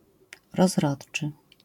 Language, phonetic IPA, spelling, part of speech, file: Polish, [rɔzˈrɔṭt͡ʃɨ], rozrodczy, adjective, LL-Q809 (pol)-rozrodczy.wav